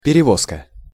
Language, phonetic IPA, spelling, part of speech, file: Russian, [pʲɪrʲɪˈvoskə], перевозка, noun, Ru-перевозка.ogg
- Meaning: conveyance, transportation